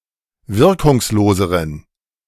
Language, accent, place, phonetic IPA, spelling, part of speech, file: German, Germany, Berlin, [ˈvɪʁkʊŋsˌloːzəʁən], wirkungsloseren, adjective, De-wirkungsloseren.ogg
- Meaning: inflection of wirkungslos: 1. strong genitive masculine/neuter singular comparative degree 2. weak/mixed genitive/dative all-gender singular comparative degree